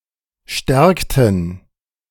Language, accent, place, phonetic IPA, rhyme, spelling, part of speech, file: German, Germany, Berlin, [ˈʃtɛʁktn̩], -ɛʁktn̩, stärkten, verb, De-stärkten.ogg
- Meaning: inflection of stärken: 1. first/third-person plural preterite 2. first/third-person plural subjunctive II